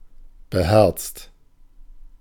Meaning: brave, courageous
- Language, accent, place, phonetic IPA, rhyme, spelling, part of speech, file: German, Germany, Berlin, [bəˈhɛʁt͡st], -ɛʁt͡st, beherzt, adjective, De-beherzt.ogg